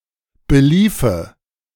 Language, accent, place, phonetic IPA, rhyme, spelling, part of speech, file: German, Germany, Berlin, [bəˈliːfə], -iːfə, beliefe, verb, De-beliefe.ogg
- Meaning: first/third-person singular subjunctive II of belaufen